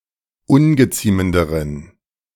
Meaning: inflection of ungeziemend: 1. strong genitive masculine/neuter singular comparative degree 2. weak/mixed genitive/dative all-gender singular comparative degree
- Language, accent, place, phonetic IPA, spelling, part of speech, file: German, Germany, Berlin, [ˈʊnɡəˌt͡siːməndəʁən], ungeziemenderen, adjective, De-ungeziemenderen.ogg